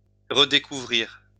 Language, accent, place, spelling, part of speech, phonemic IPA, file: French, France, Lyon, redécouvrir, verb, /ʁə.de.ku.vʁiʁ/, LL-Q150 (fra)-redécouvrir.wav
- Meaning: to rediscover